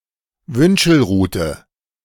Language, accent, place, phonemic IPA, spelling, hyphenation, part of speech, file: German, Germany, Berlin, /ˈvʏnʃəlˌʁuːtə/, Wünschelrute, Wün‧schel‧ru‧te, noun, De-Wünschelrute.ogg
- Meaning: divining rod (a staff used to find subterranean resources, such as water or metals, by divination)